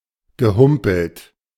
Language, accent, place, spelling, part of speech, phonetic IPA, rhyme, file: German, Germany, Berlin, gehumpelt, verb, [ɡəˈhʊmpl̩t], -ʊmpl̩t, De-gehumpelt.ogg
- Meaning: past participle of humpeln